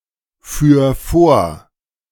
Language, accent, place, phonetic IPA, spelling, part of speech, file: German, Germany, Berlin, [ˌfyːɐ̯ ˈfoːɐ̯], führ vor, verb, De-führ vor.ogg
- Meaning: 1. singular imperative of vorführen 2. first-person singular present of vorführen